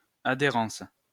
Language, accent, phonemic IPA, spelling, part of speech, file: French, France, /a.de.ʁɑ̃s/, adhérence, noun, LL-Q150 (fra)-adhérence.wav
- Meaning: 1. adhesion 2. adherence